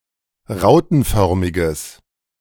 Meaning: strong/mixed nominative/accusative neuter singular of rautenförmig
- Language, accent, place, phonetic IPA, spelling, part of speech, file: German, Germany, Berlin, [ˈʁaʊ̯tn̩ˌfœʁmɪɡəs], rautenförmiges, adjective, De-rautenförmiges.ogg